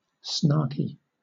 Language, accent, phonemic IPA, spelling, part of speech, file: English, Southern England, /ˈsnɑː.ki/, snarky, adjective, LL-Q1860 (eng)-snarky.wav
- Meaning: 1. Snide and sarcastic; usually out of irritation 2. Irritable, irritated